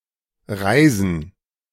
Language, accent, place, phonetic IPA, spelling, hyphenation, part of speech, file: German, Germany, Berlin, [ˈʁaɪ̯zən], reisen, rei‧sen, verb, De-reisen2.ogg
- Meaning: 1. to travel 2. to rise 3. to fall